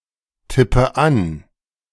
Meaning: inflection of antippen: 1. first-person singular present 2. first/third-person singular subjunctive I 3. singular imperative
- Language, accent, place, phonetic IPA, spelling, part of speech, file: German, Germany, Berlin, [ˌtɪpə ˈan], tippe an, verb, De-tippe an.ogg